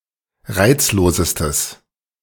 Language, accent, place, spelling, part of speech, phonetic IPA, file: German, Germany, Berlin, reizlosestes, adjective, [ˈʁaɪ̯t͡sloːzəstəs], De-reizlosestes.ogg
- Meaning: strong/mixed nominative/accusative neuter singular superlative degree of reizlos